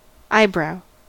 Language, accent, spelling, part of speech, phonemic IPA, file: English, US, eyebrow, noun / verb, /ˈaɪˌbɹaʊ/, En-us-eyebrow.ogg
- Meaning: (noun) The hair that grows over the bone ridge above the eye socket